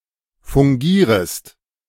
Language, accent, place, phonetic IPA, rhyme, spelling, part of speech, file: German, Germany, Berlin, [fʊŋˈɡiːʁəst], -iːʁəst, fungierest, verb, De-fungierest.ogg
- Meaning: second-person singular subjunctive I of fungieren